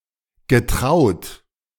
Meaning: past participle of trauen
- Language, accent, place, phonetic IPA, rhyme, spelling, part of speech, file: German, Germany, Berlin, [ɡəˈtʁaʊ̯t], -aʊ̯t, getraut, verb, De-getraut.ogg